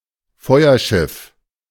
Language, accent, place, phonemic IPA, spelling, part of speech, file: German, Germany, Berlin, /ˈfɔɪ̯ɐˌʃɪf/, Feuerschiff, noun, De-Feuerschiff.ogg
- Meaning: lightship, lightvessel